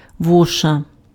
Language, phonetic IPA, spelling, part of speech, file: Ukrainian, [ˈwɔʃɐ], воша, noun, Uk-воша.ogg
- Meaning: louse (insect)